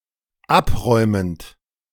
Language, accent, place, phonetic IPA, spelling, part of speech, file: German, Germany, Berlin, [ˈapˌʁɔɪ̯mənt], abräumend, verb, De-abräumend.ogg
- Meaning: present participle of abräumen